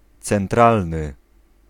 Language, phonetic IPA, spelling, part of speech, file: Polish, [t͡sɛ̃nˈtralnɨ], centralny, adjective, Pl-centralny.ogg